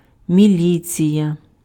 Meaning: 1. militsia, police 2. militia
- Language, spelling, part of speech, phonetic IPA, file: Ukrainian, міліція, noun, [mʲiˈlʲit͡sʲijɐ], Uk-міліція.ogg